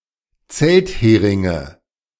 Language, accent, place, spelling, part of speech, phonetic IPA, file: German, Germany, Berlin, Zeltheringe, noun, [ˈt͡sɛltˌheːʁɪŋə], De-Zeltheringe.ogg
- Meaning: nominative/accusative/genitive plural of Zelthering